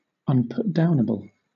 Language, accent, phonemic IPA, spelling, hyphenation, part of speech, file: English, Southern England, /(ˌ)ʌnpʊtˈdaʊnəb(ə)l/, unputdownable, un‧put‧down‧able, adjective, LL-Q1860 (eng)-unputdownable.wav
- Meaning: 1. Of a person, etc.: difficult or impossible to put down (in various senses) 2. Of a book or other written work: so captivating or engrossing that one cannot bear to stop reading it